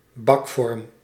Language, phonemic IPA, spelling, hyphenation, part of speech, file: Dutch, /ˈbɑk.fɔrm/, bakvorm, bak‧vorm, noun, Nl-bakvorm.ogg
- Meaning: a tin used for baking, in particular for cakes and other pastry